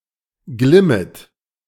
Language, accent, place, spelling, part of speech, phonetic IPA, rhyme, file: German, Germany, Berlin, glimmet, verb, [ˈɡlɪmət], -ɪmət, De-glimmet.ogg
- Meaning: second-person plural subjunctive I of glimmen